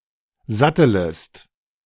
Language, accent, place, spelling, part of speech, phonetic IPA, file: German, Germany, Berlin, sattelest, verb, [ˈzatələst], De-sattelest.ogg
- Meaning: second-person singular subjunctive I of satteln